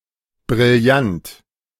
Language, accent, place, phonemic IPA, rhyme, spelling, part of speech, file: German, Germany, Berlin, /bʁɪlˈjant/, -ant, brillant, adjective, De-brillant.ogg
- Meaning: brilliant